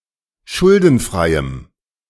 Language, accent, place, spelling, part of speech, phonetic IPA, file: German, Germany, Berlin, schuldenfreiem, adjective, [ˈʃʊldn̩ˌfʁaɪ̯əm], De-schuldenfreiem.ogg
- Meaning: strong dative masculine/neuter singular of schuldenfrei